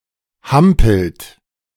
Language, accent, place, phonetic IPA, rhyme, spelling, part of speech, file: German, Germany, Berlin, [ˈhampl̩t], -ampl̩t, hampelt, verb, De-hampelt.ogg
- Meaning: inflection of hampeln: 1. second-person plural present 2. third-person singular present 3. plural imperative